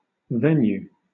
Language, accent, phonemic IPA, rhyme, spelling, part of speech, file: English, Southern England, /ˈvɛnjuː/, -ɛnjuː, venew, noun, LL-Q1860 (eng)-venew.wav
- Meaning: 1. Archaic spelling of venue 2. A bout, or turn, as at fencing